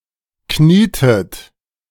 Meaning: inflection of knien: 1. second-person plural preterite 2. second-person plural subjunctive II
- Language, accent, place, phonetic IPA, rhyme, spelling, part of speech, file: German, Germany, Berlin, [ˈkniːtət], -iːtət, knietet, verb, De-knietet.ogg